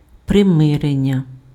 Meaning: verbal noun of примири́ти pf (prymyrýty): 1. reconciliation 2. conciliation
- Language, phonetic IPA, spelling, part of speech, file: Ukrainian, [preˈmɪrenʲːɐ], примирення, noun, Uk-примирення.ogg